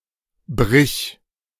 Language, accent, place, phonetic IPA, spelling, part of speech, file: German, Germany, Berlin, [bʁɪç], brich, verb, De-brich.ogg
- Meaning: singular imperative of brechen